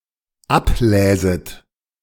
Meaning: second-person plural dependent subjunctive II of ablesen
- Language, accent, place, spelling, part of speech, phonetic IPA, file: German, Germany, Berlin, abläset, verb, [ˈapˌlɛːzət], De-abläset.ogg